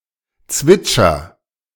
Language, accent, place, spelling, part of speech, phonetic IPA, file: German, Germany, Berlin, zwitscher, verb, [ˈt͡svɪt͡ʃɐ], De-zwitscher.ogg
- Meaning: inflection of zwitschern: 1. first-person singular present 2. singular imperative